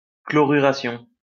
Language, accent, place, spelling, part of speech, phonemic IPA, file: French, France, Lyon, chloruration, noun, /klɔ.ʁy.ʁa.sjɔ̃/, LL-Q150 (fra)-chloruration.wav
- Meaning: chlorination